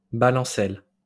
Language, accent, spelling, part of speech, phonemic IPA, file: French, France, balancelle, noun, /ba.lɑ̃.sɛl/, LL-Q150 (fra)-balancelle.wav
- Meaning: porch swing, swing seat, balancelle